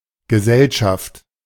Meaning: 1. company (presence of other people in general) 2. company (group of people) 3. society, the public (abstract concept of an organised social group or a local population in general)
- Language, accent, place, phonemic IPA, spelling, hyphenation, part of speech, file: German, Germany, Berlin, /ɡəˈzɛlʃaft/, Gesellschaft, Ge‧sell‧schaft, noun, De-Gesellschaft.ogg